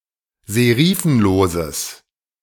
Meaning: strong/mixed nominative/accusative neuter singular of serifenlos
- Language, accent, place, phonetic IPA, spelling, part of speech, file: German, Germany, Berlin, [zeˈʁiːfn̩loːzəs], serifenloses, adjective, De-serifenloses.ogg